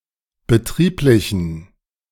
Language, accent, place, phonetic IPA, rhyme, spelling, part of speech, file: German, Germany, Berlin, [bəˈtʁiːplɪçn̩], -iːplɪçn̩, betrieblichen, adjective, De-betrieblichen.ogg
- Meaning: inflection of betrieblich: 1. strong genitive masculine/neuter singular 2. weak/mixed genitive/dative all-gender singular 3. strong/weak/mixed accusative masculine singular 4. strong dative plural